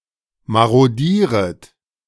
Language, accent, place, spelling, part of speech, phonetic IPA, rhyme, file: German, Germany, Berlin, marodieret, verb, [ˌmaʁoˈdiːʁət], -iːʁət, De-marodieret.ogg
- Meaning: second-person plural subjunctive I of marodieren